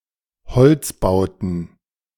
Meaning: second-person singular present of beziehen
- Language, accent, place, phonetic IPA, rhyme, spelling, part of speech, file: German, Germany, Berlin, [bəˈt͡siːst], -iːst, beziehst, verb, De-beziehst.ogg